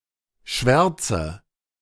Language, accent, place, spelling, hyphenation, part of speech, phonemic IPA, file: German, Germany, Berlin, Schwärze, Schwär‧ze, noun, /ˈʃvɛʁt͡sə/, De-Schwärze.ogg
- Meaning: 1. blackness, darkness, swarthiness 2. blacking 3. blackening 4. black 5. printer's ink 6. baseness, wickedness, atrociousness, heinousness